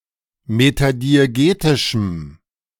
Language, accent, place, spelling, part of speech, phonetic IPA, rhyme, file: German, Germany, Berlin, metadiegetischem, adjective, [ˌmetadieˈɡeːtɪʃm̩], -eːtɪʃm̩, De-metadiegetischem.ogg
- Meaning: strong dative masculine/neuter singular of metadiegetisch